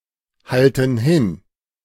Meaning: inflection of hinhalten: 1. first/third-person plural present 2. first/third-person plural subjunctive I
- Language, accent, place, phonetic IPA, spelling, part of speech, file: German, Germany, Berlin, [ˌhaltn̩ ˈhɪn], halten hin, verb, De-halten hin.ogg